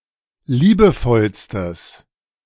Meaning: strong/mixed nominative/accusative neuter singular superlative degree of liebevoll
- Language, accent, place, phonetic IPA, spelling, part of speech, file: German, Germany, Berlin, [ˈliːbəˌfɔlstəs], liebevollstes, adjective, De-liebevollstes.ogg